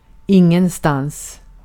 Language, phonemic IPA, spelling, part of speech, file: Swedish, /ɪŋːɛnstanːs/, ingenstans, adverb, Sv-ingenstans.ogg
- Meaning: nowhere